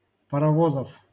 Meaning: genitive plural of парово́з (parovóz)
- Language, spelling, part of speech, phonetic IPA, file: Russian, паровозов, noun, [pərɐˈvozəf], LL-Q7737 (rus)-паровозов.wav